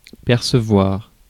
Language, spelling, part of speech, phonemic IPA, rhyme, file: French, percevoir, verb, /pɛʁ.sə.vwaʁ/, -waʁ, Fr-percevoir.ogg
- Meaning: 1. to perceive, to make out 2. to perceive (understand) 3. to collect (e.g. taxes, transit fares)